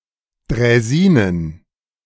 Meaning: plural of Draisine
- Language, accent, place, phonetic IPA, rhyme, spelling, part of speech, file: German, Germany, Berlin, [dʁɛˈziːnən], -iːnən, Draisinen, noun, De-Draisinen.ogg